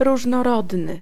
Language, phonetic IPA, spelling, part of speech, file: Polish, [ˌruʒnɔˈrɔdnɨ], różnorodny, adjective, Pl-różnorodny.ogg